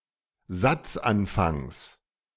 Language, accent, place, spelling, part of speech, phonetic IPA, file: German, Germany, Berlin, Satzanfangs, noun, [ˈzat͡sʔanˌfaŋs], De-Satzanfangs.ogg
- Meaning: genitive of Satzanfang